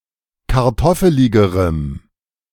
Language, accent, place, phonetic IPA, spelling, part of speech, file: German, Germany, Berlin, [kaʁˈtɔfəlɪɡəʁəm], kartoffeligerem, adjective, De-kartoffeligerem.ogg
- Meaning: strong dative masculine/neuter singular comparative degree of kartoffelig